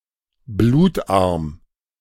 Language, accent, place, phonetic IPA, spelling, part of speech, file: German, Germany, Berlin, [ˈbluːtˌʔaʁm], blutarm, adjective, De-blutarm.ogg
- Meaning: anaemic, bloodless